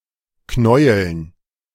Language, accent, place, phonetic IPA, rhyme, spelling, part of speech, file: German, Germany, Berlin, [ˈknɔɪ̯əln], -ɔɪ̯əln, Knäueln, noun, De-Knäueln.ogg
- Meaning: dative plural of Knäuel